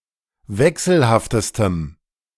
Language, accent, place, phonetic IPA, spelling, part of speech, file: German, Germany, Berlin, [ˈvɛksl̩haftəstəm], wechselhaftestem, adjective, De-wechselhaftestem.ogg
- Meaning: strong dative masculine/neuter singular superlative degree of wechselhaft